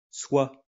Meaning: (pronoun) 1. Designating or reinforcing a reflexive (direct) object or the regime of a preposition 2. Designating or reinforcing a reflexive (direct) object or the regime of a preposition: oneself
- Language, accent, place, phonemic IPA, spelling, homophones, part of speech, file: French, France, Lyon, /swa/, soi, soie / soient / soies / sois / soit, pronoun / noun, LL-Q150 (fra)-soi.wav